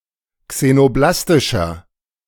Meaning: inflection of xenoblastisch: 1. strong/mixed nominative masculine singular 2. strong genitive/dative feminine singular 3. strong genitive plural
- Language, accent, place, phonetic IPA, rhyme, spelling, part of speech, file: German, Germany, Berlin, [ksenoˈblastɪʃɐ], -astɪʃɐ, xenoblastischer, adjective, De-xenoblastischer.ogg